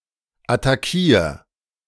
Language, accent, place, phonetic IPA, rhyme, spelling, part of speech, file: German, Germany, Berlin, [ataˈkiːɐ̯], -iːɐ̯, attackier, verb, De-attackier.ogg
- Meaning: 1. singular imperative of attackieren 2. first-person singular present of attackieren